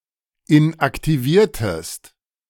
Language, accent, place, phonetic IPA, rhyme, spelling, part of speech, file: German, Germany, Berlin, [ɪnʔaktiˈviːɐ̯təst], -iːɐ̯təst, inaktiviertest, verb, De-inaktiviertest.ogg
- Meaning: inflection of inaktivieren: 1. second-person singular preterite 2. second-person singular subjunctive II